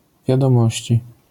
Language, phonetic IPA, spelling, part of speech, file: Polish, [ˌvʲjadɔ̃ˈmɔɕt͡ɕi], wiadomości, noun, LL-Q809 (pol)-wiadomości.wav